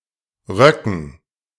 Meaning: dative plural of Rock
- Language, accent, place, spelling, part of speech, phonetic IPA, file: German, Germany, Berlin, Röcken, noun, [ˈʁœkŋ̩], De-Röcken.ogg